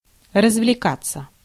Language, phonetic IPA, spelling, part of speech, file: Russian, [rəzvlʲɪˈkat͡sːə], развлекаться, verb, Ru-развлекаться.ogg
- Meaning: 1. to have fun, to have a good time, to amuse oneself 2. passive of развлека́ть (razvlekátʹ)